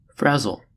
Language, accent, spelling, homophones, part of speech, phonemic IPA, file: English, US, frazzle, frazil, verb / noun, /ˈfɹæz(ə)l/, En-us-frazzle.ogg
- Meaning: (verb) 1. To fray or wear down, especially at the edges 2. To drain emotionally or physically; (noun) 1. A burnt fragment; a cinder or crisp 2. The condition or quality of being frazzled; a frayed end